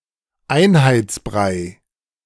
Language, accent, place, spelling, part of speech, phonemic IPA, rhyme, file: German, Germany, Berlin, Einheitsbrei, noun, /ˈaɪ̯nhaɪ̯t͡sˌbʁaɪ̯/, -aɪ̯, De-Einheitsbrei.ogg
- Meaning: bland, samey fare; pablum; prolefeed